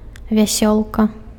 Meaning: rainbow (a multi-colored arc-shaped band in the sky, which arises from the refraction of the sun's rays in raindrops)
- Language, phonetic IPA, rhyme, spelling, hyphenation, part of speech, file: Belarusian, [vʲaˈsʲoɫka], -oɫka, вясёлка, вя‧сёл‧ка, noun, Be-вясёлка.ogg